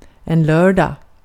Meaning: Saturday (now generally considered the sixth day of the week in non-religious contexts in Sweden)
- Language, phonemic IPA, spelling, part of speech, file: Swedish, /ˈløːrdɑːɡ/, lördag, noun, Sv-lördag.ogg